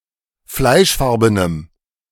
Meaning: strong dative masculine/neuter singular of fleischfarben
- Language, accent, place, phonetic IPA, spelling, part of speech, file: German, Germany, Berlin, [ˈflaɪ̯ʃˌfaʁbənəm], fleischfarbenem, adjective, De-fleischfarbenem.ogg